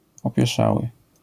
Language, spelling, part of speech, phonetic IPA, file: Polish, opieszały, adjective, [ˌɔpʲjɛˈʃawɨ], LL-Q809 (pol)-opieszały.wav